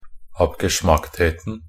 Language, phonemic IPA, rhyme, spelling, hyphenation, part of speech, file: Norwegian Bokmål, /apɡəˈʃmaktheːtn̩/, -eːtn̩, abgeschmacktheten, ab‧ge‧schmackt‧het‧en, noun, Nb-abgeschmacktheten.ogg
- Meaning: definite singular of abgeschmackthet